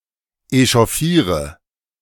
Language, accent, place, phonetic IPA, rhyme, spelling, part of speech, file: German, Germany, Berlin, [eʃɔˈfiːʁə], -iːʁə, echauffiere, verb, De-echauffiere.ogg
- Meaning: inflection of echauffieren: 1. first-person singular present 2. singular imperative 3. first/third-person singular subjunctive I